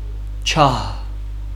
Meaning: 1. chandelier 2. torch 3. facula 4. fire, light 5. enlightened person 6. heavenly/celestial body (especially the sun)
- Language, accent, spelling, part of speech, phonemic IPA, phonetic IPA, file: Armenian, Western Armenian, ջահ, noun, /t͡ʃɑh/, [t͡ʃʰɑh], HyW-ջահ.ogg